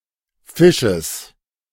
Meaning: genitive singular of Fisch
- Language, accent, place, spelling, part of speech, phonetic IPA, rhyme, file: German, Germany, Berlin, Fisches, noun, [ˈfɪʃəs], -ɪʃəs, De-Fisches.ogg